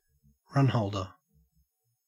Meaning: A person who leases or owns a run (“rural landholding for farming”), especially one for raising sheep
- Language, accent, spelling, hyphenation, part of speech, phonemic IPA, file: English, Australia, runholder, run‧hold‧er, noun, /ˈɹanhɐʉldə/, En-au-runholder.ogg